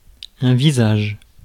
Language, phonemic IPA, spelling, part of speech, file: French, /vi.zaʒ/, visage, noun, Fr-visage.ogg
- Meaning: face (of a human)